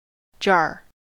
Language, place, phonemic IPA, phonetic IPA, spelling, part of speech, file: English, California, /d͡ʒɑɹ/, [d͡ʒɑɹ], jar, noun / verb, En-us-jar.ogg
- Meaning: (noun) An earthenware container, either with two or no handles, for holding oil, water, wine, etc., or used for burial